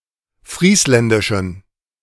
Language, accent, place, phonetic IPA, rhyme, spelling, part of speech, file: German, Germany, Berlin, [ˈfʁiːslɛndɪʃn̩], -iːslɛndɪʃn̩, friesländischen, adjective, De-friesländischen.ogg
- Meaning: inflection of friesländisch: 1. strong genitive masculine/neuter singular 2. weak/mixed genitive/dative all-gender singular 3. strong/weak/mixed accusative masculine singular 4. strong dative plural